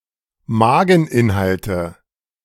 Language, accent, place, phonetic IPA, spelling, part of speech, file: German, Germany, Berlin, [ˈmaːɡŋ̍ˌʔɪnhaltə], Mageninhalte, noun, De-Mageninhalte.ogg
- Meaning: nominative/accusative/genitive plural of Mageninhalt